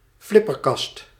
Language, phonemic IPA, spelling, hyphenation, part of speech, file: Dutch, /ˈflɪ.pərˌkɑst/, flipperkast, flip‧per‧kast, noun, Nl-flipperkast.ogg
- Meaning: 1. a pinball machine 2. pinball